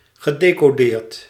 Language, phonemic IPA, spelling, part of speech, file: Dutch, /ɣəˌdekoˈrert/, gedecoreerd, verb / adjective, Nl-gedecoreerd.ogg
- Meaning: past participle of decoreren